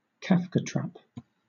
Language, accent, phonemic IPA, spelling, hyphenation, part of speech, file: English, Southern England, /ˈkæfkəˌtræp/, Kafkatrap, Kaf‧ka‧trap, noun / verb, LL-Q1860 (eng)-Kafkatrap.wav
- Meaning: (noun) A sophistical rhetorical device in which any denial by an accused person serves as evidence of guilt; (verb) To employ a Kafkatrap against (someone)